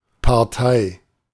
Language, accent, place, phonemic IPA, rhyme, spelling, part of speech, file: German, Germany, Berlin, /parˈtaɪ̯/, -aɪ̯, Partei, noun / proper noun, De-Partei.ogg
- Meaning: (noun) 1. political party 2. party (person, company, or institution) participating in a legal action or contract; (proper noun) A party in a given one-party system, especially